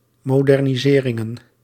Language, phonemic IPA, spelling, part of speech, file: Dutch, /modɛrniˈzerɪŋə(n)/, moderniseringen, noun, Nl-moderniseringen.ogg
- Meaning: plural of modernisering